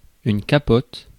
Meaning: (noun) 1. greatcoat 2. soft top 3. ellipsis of capote anglaise (“condom”); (verb) inflection of capoter: first/third-person singular present indicative/subjunctive
- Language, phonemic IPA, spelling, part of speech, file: French, /ka.pɔt/, capote, noun / verb, Fr-capote.ogg